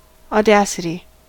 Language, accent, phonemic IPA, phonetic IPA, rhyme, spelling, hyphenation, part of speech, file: English, US, /ɔˈdæ.sɪ.ti/, [ɔˈdæ.sɪ.ɾi], -æsɪti, audacity, au‧da‧ci‧ty, noun, En-us-audacity.ogg
- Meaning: Insolent boldness, especially when imprudent or unconventional